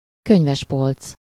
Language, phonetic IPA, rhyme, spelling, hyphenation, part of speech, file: Hungarian, [ˈkøɲvɛʃpolt͡s], -olt͡s, könyvespolc, köny‧ves‧polc, noun, Hu-könyvespolc.ogg
- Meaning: bookshelf